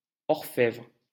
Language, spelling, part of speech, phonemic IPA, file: French, orfèvre, noun, /ɔʁ.fɛvʁ/, LL-Q150 (fra)-orfèvre.wav
- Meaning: goldsmith, silversmith, smith who works with any precious metal